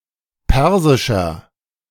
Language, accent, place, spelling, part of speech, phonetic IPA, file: German, Germany, Berlin, persischer, adjective, [ˈpɛʁzɪʃɐ], De-persischer.ogg
- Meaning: 1. comparative degree of persisch 2. inflection of persisch: strong/mixed nominative masculine singular 3. inflection of persisch: strong genitive/dative feminine singular